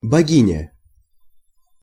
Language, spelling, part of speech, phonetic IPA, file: Russian, богиня, noun, [bɐˈɡʲinʲə], Ru-богиня.ogg
- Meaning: female equivalent of бог (bog): goddess